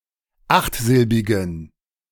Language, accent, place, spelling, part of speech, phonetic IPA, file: German, Germany, Berlin, achtsilbigen, adjective, [ˈaxtˌzɪlbɪɡn̩], De-achtsilbigen.ogg
- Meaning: inflection of achtsilbig: 1. strong genitive masculine/neuter singular 2. weak/mixed genitive/dative all-gender singular 3. strong/weak/mixed accusative masculine singular 4. strong dative plural